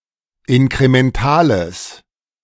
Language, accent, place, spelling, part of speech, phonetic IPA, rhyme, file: German, Germany, Berlin, inkrementales, adjective, [ɪnkʁemɛnˈtaːləs], -aːləs, De-inkrementales.ogg
- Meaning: strong/mixed nominative/accusative neuter singular of inkremental